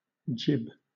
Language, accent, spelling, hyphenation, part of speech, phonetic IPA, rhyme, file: English, Southern England, gib, gib, noun, [ˈd͡ʒɪb], -ɪb, LL-Q1860 (eng)-gib.wav
- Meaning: 1. A castrated male cat or ferret 2. A male cat; a tomcat 3. A hooked prolongation on the lower jaw of a male salmon or trout 4. The lower lip of a horse